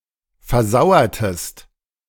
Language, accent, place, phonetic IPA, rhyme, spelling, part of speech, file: German, Germany, Berlin, [fɛɐ̯ˈzaʊ̯ɐtəst], -aʊ̯ɐtəst, versauertest, verb, De-versauertest.ogg
- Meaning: inflection of versauern: 1. second-person singular preterite 2. second-person singular subjunctive II